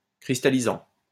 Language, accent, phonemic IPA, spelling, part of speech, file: French, France, /kʁis.ta.li.zɑ̃/, cristallisant, verb, LL-Q150 (fra)-cristallisant.wav
- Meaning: present participle of cristalliser